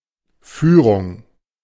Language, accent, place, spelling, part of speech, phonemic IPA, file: German, Germany, Berlin, Führung, noun, /ˈfyːʁʊŋ/, De-Führung.ogg
- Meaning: 1. lead 2. leadership 3. command 4. management 5. conducted tour 6. conduct